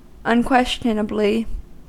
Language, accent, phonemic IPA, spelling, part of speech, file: English, US, /ʌnˈkwɛs.t͡ʃən.ə.bli/, unquestionably, adverb, En-us-unquestionably.ogg
- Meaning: 1. Without question; beyond doubt; indubitably 2. OK, right-on